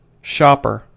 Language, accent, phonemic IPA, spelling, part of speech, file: English, US, /ˈʃɑ.pɚ/, shopper, noun, En-us-shopper.ogg
- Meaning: 1. A person who shops 2. A free local newspaper containing advertisements for local shops etc; sometimes includes discount coupons 3. A kind of bicycle suited to riding short distances